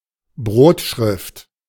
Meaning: A font that is used for typesetting body text
- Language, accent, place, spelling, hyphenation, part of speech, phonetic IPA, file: German, Germany, Berlin, Brotschrift, Brot‧schrift, noun, [ˈbʀoːtˌʃʀɪft], De-Brotschrift.ogg